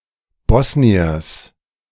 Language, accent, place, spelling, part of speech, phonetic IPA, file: German, Germany, Berlin, Bosniers, noun, [ˈbɔsniɐs], De-Bosniers.ogg
- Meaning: genitive singular of Bosnier